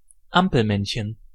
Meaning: walking figure shown on pedestrian signals
- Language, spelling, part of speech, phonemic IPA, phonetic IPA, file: German, Ampelmännchen, noun, /ˈampəlˌmɛnçən/, [ˈʔampl̩ˌmɛnçn̩], De-Ampelmännchen.ogg